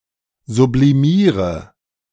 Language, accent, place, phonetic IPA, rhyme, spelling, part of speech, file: German, Germany, Berlin, [zubliˈmiːʁə], -iːʁə, sublimiere, verb, De-sublimiere.ogg
- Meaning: inflection of sublimieren: 1. first-person singular present 2. singular imperative 3. first/third-person singular subjunctive I